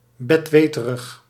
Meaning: pedantic, know-it-all
- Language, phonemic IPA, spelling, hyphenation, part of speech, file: Dutch, /ˌbɛtˈʋeː.tə.rəx/, betweterig, bet‧we‧te‧rig, adjective, Nl-betweterig.ogg